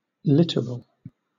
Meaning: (adjective) Of or relating to the shore, especially the seashore; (noun) 1. A shore, coastline, or coast 2. The zone of a coast between high tide and low tide levels
- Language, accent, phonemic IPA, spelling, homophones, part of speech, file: English, Southern England, /ˈlɪtəɹəl/, littoral, literal, adjective / noun, LL-Q1860 (eng)-littoral.wav